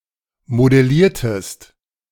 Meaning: inflection of modellieren: 1. second-person singular preterite 2. second-person singular subjunctive II
- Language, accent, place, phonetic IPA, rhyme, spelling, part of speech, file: German, Germany, Berlin, [modɛˈliːɐ̯təst], -iːɐ̯təst, modelliertest, verb, De-modelliertest.ogg